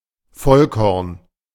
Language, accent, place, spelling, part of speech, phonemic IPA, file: German, Germany, Berlin, Vollkorn, noun, /ˈfɔlˌkɔʁn/, De-Vollkorn.ogg
- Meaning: wholemeal (whole grain)